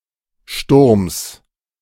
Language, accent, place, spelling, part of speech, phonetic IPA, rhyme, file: German, Germany, Berlin, Sturms, noun, [ʃtʊʁms], -ʊʁms, De-Sturms.ogg
- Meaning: genitive singular of Sturm